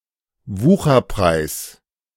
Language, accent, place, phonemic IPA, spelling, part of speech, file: German, Germany, Berlin, /ˈvuːxɐˌpʁaɪ̯s/, Wucherpreis, noun, De-Wucherpreis.ogg
- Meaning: exorbitant price, extortionate price